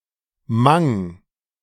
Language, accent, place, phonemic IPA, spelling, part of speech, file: German, Germany, Berlin, /maŋ/, mang, preposition, De-mang.ogg
- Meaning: among; amidst